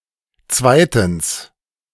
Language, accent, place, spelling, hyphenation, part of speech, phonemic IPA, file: German, Germany, Berlin, zweitens, zwei‧tens, adverb, /ˈt͡svaɪ̯tn̩s/, De-zweitens.ogg
- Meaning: secondly